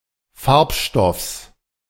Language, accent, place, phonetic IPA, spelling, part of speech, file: German, Germany, Berlin, [ˈfaʁpˌʃtɔfs], Farbstoffs, noun, De-Farbstoffs.ogg
- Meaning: genitive singular of Farbstoff